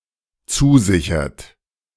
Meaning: inflection of zusichern: 1. third-person singular dependent present 2. second-person plural dependent present
- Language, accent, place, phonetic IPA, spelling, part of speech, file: German, Germany, Berlin, [ˈt͡suːˌzɪçɐt], zusichert, verb, De-zusichert.ogg